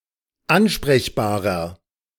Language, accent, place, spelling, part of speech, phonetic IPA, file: German, Germany, Berlin, ansprechbarer, adjective, [ˈanʃpʁɛçbaːʁɐ], De-ansprechbarer.ogg
- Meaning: 1. comparative degree of ansprechbar 2. inflection of ansprechbar: strong/mixed nominative masculine singular 3. inflection of ansprechbar: strong genitive/dative feminine singular